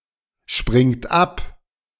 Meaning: inflection of abspringen: 1. third-person singular present 2. second-person plural present 3. plural imperative
- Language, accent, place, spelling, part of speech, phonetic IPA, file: German, Germany, Berlin, springt ab, verb, [ˌʃpʁɪŋt ˈap], De-springt ab.ogg